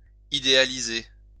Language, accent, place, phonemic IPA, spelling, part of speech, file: French, France, Lyon, /i.de.a.li.ze/, idéaliser, verb, LL-Q150 (fra)-idéaliser.wav
- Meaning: to idealize